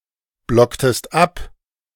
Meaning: inflection of abblocken: 1. second-person singular preterite 2. second-person singular subjunctive II
- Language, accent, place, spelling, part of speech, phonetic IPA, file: German, Germany, Berlin, blocktest ab, verb, [ˌblɔktəst ˈap], De-blocktest ab.ogg